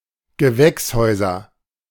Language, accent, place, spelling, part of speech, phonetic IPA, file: German, Germany, Berlin, Gewächshäuser, noun, [ɡəˈvɛksˌhɔɪ̯zɐ], De-Gewächshäuser.ogg
- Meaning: nominative/accusative/genitive plural of Gewächshaus